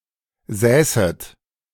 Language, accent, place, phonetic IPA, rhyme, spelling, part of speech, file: German, Germany, Berlin, [ˈzɛːsət], -ɛːsət, säßet, verb, De-säßet.ogg
- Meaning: second-person plural subjunctive II of sitzen